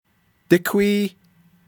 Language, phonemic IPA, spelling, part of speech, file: Navajo, /tɪ́kʷʰíː/, díkwíí, adverb, Nv-díkwíí.ogg
- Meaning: 1. how many? 2. how much?